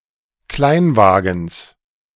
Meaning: genitive of Kleinwagen
- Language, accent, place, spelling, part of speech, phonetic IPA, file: German, Germany, Berlin, Kleinwagens, noun, [ˈklaɪ̯nˌvaːɡn̩s], De-Kleinwagens.ogg